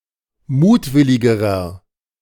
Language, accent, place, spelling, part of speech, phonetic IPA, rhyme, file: German, Germany, Berlin, mutwilligerer, adjective, [ˈmuːtˌvɪlɪɡəʁɐ], -uːtvɪlɪɡəʁɐ, De-mutwilligerer.ogg
- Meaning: inflection of mutwillig: 1. strong/mixed nominative masculine singular comparative degree 2. strong genitive/dative feminine singular comparative degree 3. strong genitive plural comparative degree